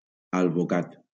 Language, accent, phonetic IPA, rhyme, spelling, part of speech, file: Catalan, Valencia, [al.voˈkat], -at, alvocat, noun, LL-Q7026 (cat)-alvocat.wav
- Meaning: avocado (fruit)